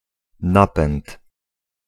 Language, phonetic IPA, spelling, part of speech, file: Polish, [ˈnapɛ̃nt], napęd, noun, Pl-napęd.ogg